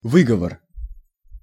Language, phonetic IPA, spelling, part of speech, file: Russian, [ˈvɨɡəvər], выговор, noun, Ru-выговор.ogg
- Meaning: 1. reproof; reprimand; rebuke, scolding; dressing down, admonition 2. pronunciation; accent